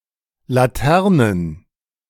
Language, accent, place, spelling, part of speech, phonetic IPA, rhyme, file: German, Germany, Berlin, Laternen, noun, [laˈtɛʁnən], -ɛʁnən, De-Laternen.ogg
- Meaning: plural of Laterne